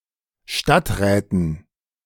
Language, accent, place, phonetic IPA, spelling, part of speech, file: German, Germany, Berlin, [ˈʃtatˌʁɛːtn̩], Stadträten, noun, De-Stadträten.ogg
- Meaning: dative plural of Stadtrat